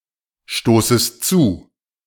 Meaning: second-person singular subjunctive I of zustoßen
- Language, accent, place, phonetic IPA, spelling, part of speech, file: German, Germany, Berlin, [ˌʃtoːsəst ˈt͡suː], stoßest zu, verb, De-stoßest zu.ogg